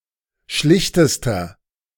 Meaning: inflection of schlicht: 1. strong/mixed nominative masculine singular superlative degree 2. strong genitive/dative feminine singular superlative degree 3. strong genitive plural superlative degree
- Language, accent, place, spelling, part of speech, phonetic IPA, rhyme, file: German, Germany, Berlin, schlichtester, adjective, [ˈʃlɪçtəstɐ], -ɪçtəstɐ, De-schlichtester.ogg